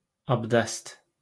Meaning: wudu (ritual washing before prayer)
- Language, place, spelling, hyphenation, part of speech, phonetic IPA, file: Azerbaijani, Baku, abdəst, ab‧dəst, noun, [ɑbˈdæs], LL-Q9292 (aze)-abdəst.wav